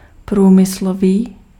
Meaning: industrial
- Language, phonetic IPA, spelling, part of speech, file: Czech, [ˈpruːmɪsloviː], průmyslový, adjective, Cs-průmyslový.ogg